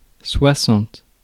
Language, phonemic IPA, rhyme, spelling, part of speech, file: French, /swa.sɑ̃t/, -ɑ̃t, soixante, numeral, Fr-soixante.ogg
- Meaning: sixty